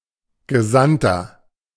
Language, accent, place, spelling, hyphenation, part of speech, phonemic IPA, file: German, Germany, Berlin, Gesandter, Ge‧sand‧ter, noun, /ɡəˈzantɐ/, De-Gesandter.ogg
- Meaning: 1. envoy 2. inflection of Gesandte: strong genitive/dative singular 3. inflection of Gesandte: strong genitive plural